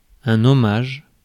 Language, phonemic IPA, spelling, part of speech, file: French, /ɔ.maʒ/, hommage, noun, Fr-hommage.ogg
- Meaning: homage